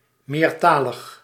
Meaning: multilingual
- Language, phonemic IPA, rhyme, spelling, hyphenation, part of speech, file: Dutch, /ˌmeːrˈtaː.ləx/, -aːləx, meertalig, meer‧ta‧lig, adjective, Nl-meertalig.ogg